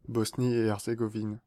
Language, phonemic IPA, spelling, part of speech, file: French, /boz.ni.e.ɛʁ.ze.ɡo.vin/, Bosnie-et-Herzégovine, proper noun, Fr-Bosnie-et-Herzégovine.ogg
- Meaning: Bosnia and Herzegovina (a country on the Balkan Peninsula in Southeastern Europe)